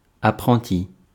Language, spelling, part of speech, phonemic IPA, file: French, apprenti, noun, /a.pʁɑ̃.ti/, Fr-apprenti.ogg
- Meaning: apprentice, trainee